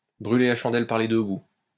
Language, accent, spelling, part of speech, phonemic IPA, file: French, France, brûler la chandelle par les deux bouts, verb, /bʁy.le la ʃɑ̃.dɛl paʁ le dø bu/, LL-Q150 (fra)-brûler la chandelle par les deux bouts.wav
- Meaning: to burn the candle at both ends (to do things in excess, to engage in too much work or too much pleasure (including spending money), or both)